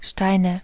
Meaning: nominative/accusative/genitive plural of Stein (“stone”)
- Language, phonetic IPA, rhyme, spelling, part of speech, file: German, [ˈʃtaɪ̯nə], -aɪ̯nə, Steine, noun, De-Steine.ogg